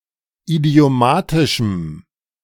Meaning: strong dative masculine/neuter singular of idiomatisch
- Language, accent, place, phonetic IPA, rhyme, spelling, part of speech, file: German, Germany, Berlin, [idi̯oˈmaːtɪʃm̩], -aːtɪʃm̩, idiomatischem, adjective, De-idiomatischem.ogg